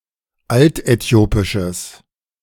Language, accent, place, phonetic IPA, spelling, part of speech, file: German, Germany, Berlin, [ˈaltʔɛˌti̯oːpɪʃəs], altäthiopisches, adjective, De-altäthiopisches.ogg
- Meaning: strong/mixed nominative/accusative neuter singular of altäthiopisch